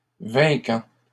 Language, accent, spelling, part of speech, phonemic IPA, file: French, Canada, vainquant, verb, /vɛ̃.kɑ̃/, LL-Q150 (fra)-vainquant.wav
- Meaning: present participle of vaincre